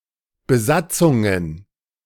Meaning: plural of Besatzung
- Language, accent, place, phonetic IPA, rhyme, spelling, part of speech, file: German, Germany, Berlin, [bəˈzat͡sʊŋən], -at͡sʊŋən, Besatzungen, noun, De-Besatzungen.ogg